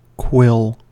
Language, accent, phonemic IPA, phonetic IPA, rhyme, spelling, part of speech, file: English, US, /kwɪl/, [kʰw̥ɪl], -ɪl, quill, noun / verb, En-us-quill.ogg
- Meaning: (noun) 1. The lower shaft of a feather, specifically the region lacking barbs 2. A pen made from a feather 3. Any pen